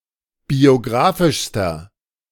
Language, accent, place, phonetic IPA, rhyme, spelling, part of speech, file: German, Germany, Berlin, [bioˈɡʁaːfɪʃstɐ], -aːfɪʃstɐ, biografischster, adjective, De-biografischster.ogg
- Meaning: inflection of biografisch: 1. strong/mixed nominative masculine singular superlative degree 2. strong genitive/dative feminine singular superlative degree 3. strong genitive plural superlative degree